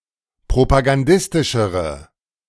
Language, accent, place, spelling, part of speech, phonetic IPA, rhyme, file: German, Germany, Berlin, propagandistischere, adjective, [pʁopaɡanˈdɪstɪʃəʁə], -ɪstɪʃəʁə, De-propagandistischere.ogg
- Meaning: inflection of propagandistisch: 1. strong/mixed nominative/accusative feminine singular comparative degree 2. strong nominative/accusative plural comparative degree